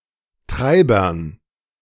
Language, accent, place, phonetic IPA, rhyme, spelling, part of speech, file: German, Germany, Berlin, [ˈtʁaɪ̯bɐn], -aɪ̯bɐn, Treibern, noun, De-Treibern.ogg
- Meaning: dative plural of Treiber